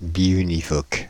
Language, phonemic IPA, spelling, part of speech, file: French, /bi.y.ni.vɔk/, biunivoque, adjective, Fr-biunivoque.ogg
- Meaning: biunivocal, bijective, one-to-one